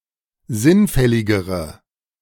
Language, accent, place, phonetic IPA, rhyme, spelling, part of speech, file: German, Germany, Berlin, [ˈzɪnˌfɛlɪɡəʁə], -ɪnfɛlɪɡəʁə, sinnfälligere, adjective, De-sinnfälligere.ogg
- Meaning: inflection of sinnfällig: 1. strong/mixed nominative/accusative feminine singular comparative degree 2. strong nominative/accusative plural comparative degree